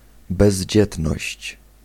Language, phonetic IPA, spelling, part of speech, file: Polish, [bɛʑˈd͡ʑɛtnɔɕt͡ɕ], bezdzietność, noun, Pl-bezdzietność.ogg